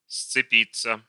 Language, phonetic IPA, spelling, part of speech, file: Russian, [st͡sɨˈpʲit͡sːə], сцепиться, verb, Ru-сцепиться.ogg
- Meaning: 1. to be coupled 2. to grapple (with) 3. passive of сцепи́ть (scepítʹ)